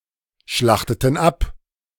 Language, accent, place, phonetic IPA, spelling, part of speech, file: German, Germany, Berlin, [ˌʃlaxtətn̩ ˈap], schlachteten ab, verb, De-schlachteten ab.ogg
- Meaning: inflection of abschlachten: 1. first/third-person plural preterite 2. first/third-person plural subjunctive II